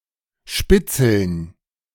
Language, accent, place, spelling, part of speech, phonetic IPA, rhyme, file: German, Germany, Berlin, Spitzeln, noun, [ˈʃpɪt͡sl̩n], -ɪt͡sl̩n, De-Spitzeln.ogg
- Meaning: dative plural of Spitzel